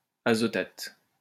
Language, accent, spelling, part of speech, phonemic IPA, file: French, France, azotate, noun, /a.zɔ.tat/, LL-Q150 (fra)-azotate.wav
- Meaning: nitrate